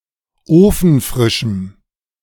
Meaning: strong dative masculine/neuter singular of ofenfrisch
- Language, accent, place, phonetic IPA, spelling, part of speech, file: German, Germany, Berlin, [ˈoːfn̩ˌfʁɪʃm̩], ofenfrischem, adjective, De-ofenfrischem.ogg